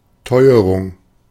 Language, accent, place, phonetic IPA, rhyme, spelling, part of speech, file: German, Germany, Berlin, [ˈtɔɪ̯əʁʊŋ], -ɔɪ̯əʁʊŋ, Teuerung, noun, De-Teuerung.ogg
- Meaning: 1. rising prices, inflation 2. famine, dearth